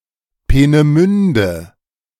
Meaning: a municipality of Vorpommern-Greifswald district, Mecklenburg-Vorpommern, Germany
- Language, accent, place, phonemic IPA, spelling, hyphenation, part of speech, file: German, Germany, Berlin, /ˌpeːnəˈmʏndə/, Peenemünde, Pee‧ne‧mün‧de, proper noun, De-Peenemünde.ogg